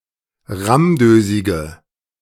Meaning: inflection of rammdösig: 1. strong/mixed nominative/accusative feminine singular 2. strong nominative/accusative plural 3. weak nominative all-gender singular
- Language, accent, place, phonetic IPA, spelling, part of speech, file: German, Germany, Berlin, [ˈʁamˌdøːzɪɡə], rammdösige, adjective, De-rammdösige.ogg